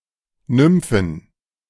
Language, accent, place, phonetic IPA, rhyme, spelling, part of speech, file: German, Germany, Berlin, [ˈnʏmfn̩], -ʏmfn̩, Nymphen, noun, De-Nymphen.ogg
- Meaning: plural of Nymphe